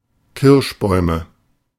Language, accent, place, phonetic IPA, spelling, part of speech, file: German, Germany, Berlin, [ˈkɪʁʃˌbɔɪ̯mə], Kirschbäume, noun, De-Kirschbäume.ogg
- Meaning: nominative/accusative/genitive plural of Kirschbaum